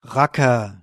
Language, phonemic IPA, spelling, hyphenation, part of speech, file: German, /ˈʁakɐ/, Racker, Ra‧cker, noun, De-Racker.ogg
- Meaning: rascal